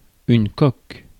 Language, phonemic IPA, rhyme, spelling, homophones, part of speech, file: French, /kɔk/, -ɔk, coque, coq / coqs / coques, noun, Fr-coque.ogg
- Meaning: 1. shell (of an animal's egg) 2. the casing of a phone 3. hull 4. cockle